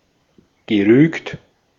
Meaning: past participle of rügen
- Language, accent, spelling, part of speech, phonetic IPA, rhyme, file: German, Austria, gerügt, verb, [ɡəˈʁyːkt], -yːkt, De-at-gerügt.ogg